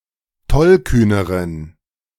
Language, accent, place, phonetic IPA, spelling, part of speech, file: German, Germany, Berlin, [ˈtɔlˌkyːnəʁən], tollkühneren, adjective, De-tollkühneren.ogg
- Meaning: inflection of tollkühn: 1. strong genitive masculine/neuter singular comparative degree 2. weak/mixed genitive/dative all-gender singular comparative degree